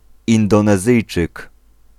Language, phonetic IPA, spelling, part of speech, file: Polish, [ˌĩndɔ̃nɛˈzɨjt͡ʃɨk], Indonezyjczyk, noun, Pl-Indonezyjczyk.ogg